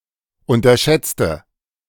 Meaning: inflection of unterschätzen: 1. first/third-person singular preterite 2. first/third-person singular subjunctive II
- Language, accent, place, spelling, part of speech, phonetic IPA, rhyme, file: German, Germany, Berlin, unterschätzte, adjective / verb, [ˌʊntɐˈʃɛt͡stə], -ɛt͡stə, De-unterschätzte.ogg